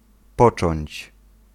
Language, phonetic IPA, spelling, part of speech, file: Polish, [ˈpɔt͡ʃɔ̃ɲt͡ɕ], począć, verb, Pl-począć.ogg